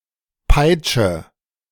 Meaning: inflection of peitschen: 1. first-person singular present 2. first/third-person singular subjunctive I 3. singular imperative
- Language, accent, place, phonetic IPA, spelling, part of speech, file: German, Germany, Berlin, [ˈpaɪ̯t͡ʃə], peitsche, verb, De-peitsche.ogg